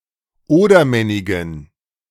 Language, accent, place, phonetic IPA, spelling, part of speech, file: German, Germany, Berlin, [ˈoːdɐˌmɛnɪɡn̩], Odermennigen, noun, De-Odermennigen.ogg
- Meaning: dative plural of Odermennig